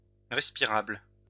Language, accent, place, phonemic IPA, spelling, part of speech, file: French, France, Lyon, /ʁɛs.pi.ʁabl/, respirable, adjective, LL-Q150 (fra)-respirable.wav
- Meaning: breathable, respirable